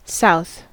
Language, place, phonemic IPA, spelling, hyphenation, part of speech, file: English, California, /ˈsaʊ̯θ/, south, south, noun / adjective / adverb / verb, En-us-south.ogg